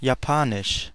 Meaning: the Japanese language
- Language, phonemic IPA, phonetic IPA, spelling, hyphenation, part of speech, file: German, /jaˈpaːnɪʃ/, [jaˈpʰaːnɪʃ], Japanisch, Ja‧pa‧nisch, proper noun, De-Japanisch.ogg